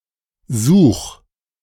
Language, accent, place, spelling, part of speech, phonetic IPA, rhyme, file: German, Germany, Berlin, such, verb, [zuːx], -uːx, De-such.ogg
- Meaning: singular imperative of suchen